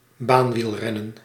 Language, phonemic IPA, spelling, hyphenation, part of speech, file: Dutch, /ˈbaːn.ʋilˌrɛ.nə(n)/, baanwielrennen, baan‧wiel‧ren‧nen, noun, Nl-baanwielrennen.ogg
- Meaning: track cycling